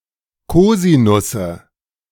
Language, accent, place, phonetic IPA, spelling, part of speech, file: German, Germany, Berlin, [ˈkoːzinʊsə], Kosinusse, noun, De-Kosinusse.ogg
- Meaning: nominative/accusative/genitive plural of Kosinus